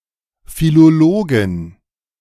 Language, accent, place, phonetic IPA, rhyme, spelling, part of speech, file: German, Germany, Berlin, [filoˈloːɡn̩], -oːɡn̩, Philologen, noun, De-Philologen.ogg
- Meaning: 1. genitive singular of Philologe 2. plural of Philologe